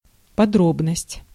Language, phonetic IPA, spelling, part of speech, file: Russian, [pɐˈdrobnəsʲtʲ], подробность, noun, Ru-подробность.ogg
- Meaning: 1. detail 2. particularity